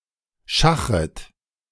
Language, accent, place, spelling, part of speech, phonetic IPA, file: German, Germany, Berlin, schachret, verb, [ˈʃaxʁət], De-schachret.ogg
- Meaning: second-person plural subjunctive I of schachern